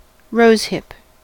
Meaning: The fleshy false fruit of a wild rose plant (e.g. sweetbrier, dog rose, burnet rose, etc.), containing the achenes or true fruits
- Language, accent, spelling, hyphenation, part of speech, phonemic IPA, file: English, US, rosehip, rose‧hip, noun, /ˈɹoʊzˌhɪp/, En-us-rosehip.ogg